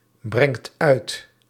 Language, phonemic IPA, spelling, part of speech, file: Dutch, /ˈbrɛŋt ˈœyt/, brengt uit, verb, Nl-brengt uit.ogg
- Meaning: inflection of uitbrengen: 1. second/third-person singular present indicative 2. plural imperative